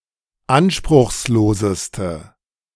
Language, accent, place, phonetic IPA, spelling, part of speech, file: German, Germany, Berlin, [ˈanʃpʁʊxsˌloːzəstə], anspruchsloseste, adjective, De-anspruchsloseste.ogg
- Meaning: inflection of anspruchslos: 1. strong/mixed nominative/accusative feminine singular superlative degree 2. strong nominative/accusative plural superlative degree